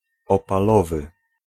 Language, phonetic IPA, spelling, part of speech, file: Polish, [ˌɔpaˈlɔvɨ], opalowy, adjective, Pl-opalowy.ogg